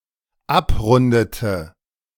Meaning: inflection of abrunden: 1. first/third-person singular dependent preterite 2. first/third-person singular dependent subjunctive II
- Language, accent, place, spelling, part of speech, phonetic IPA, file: German, Germany, Berlin, abrundete, verb, [ˈapˌʁʊndətə], De-abrundete.ogg